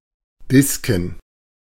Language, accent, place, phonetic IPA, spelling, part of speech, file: German, Germany, Berlin, [ˈdɪskŋ̩], Disken, noun, De-Disken.ogg
- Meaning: plural of Diskus